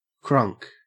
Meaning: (adjective) Crazy and intoxicated; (noun) A type of hip hop that originated in the southern United States; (verb) 1. To cry like a crane 2. simple past and past participle of crank
- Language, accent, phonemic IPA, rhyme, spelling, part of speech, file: English, Australia, /kɹʌŋk/, -ʌŋk, crunk, adjective / noun / verb, En-au-crunk.ogg